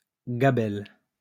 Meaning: gabelle, salt tax
- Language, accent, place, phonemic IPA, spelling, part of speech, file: French, France, Lyon, /ɡa.bɛl/, gabelle, noun, LL-Q150 (fra)-gabelle.wav